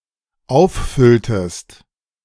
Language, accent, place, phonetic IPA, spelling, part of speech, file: German, Germany, Berlin, [ˈaʊ̯fˌfʏltəst], auffülltest, verb, De-auffülltest.ogg
- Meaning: inflection of auffüllen: 1. second-person singular dependent preterite 2. second-person singular dependent subjunctive II